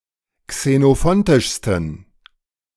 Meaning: 1. superlative degree of xenophontisch 2. inflection of xenophontisch: strong genitive masculine/neuter singular superlative degree
- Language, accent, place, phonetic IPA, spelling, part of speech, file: German, Germany, Berlin, [ksenoˈfɔntɪʃstn̩], xenophontischsten, adjective, De-xenophontischsten.ogg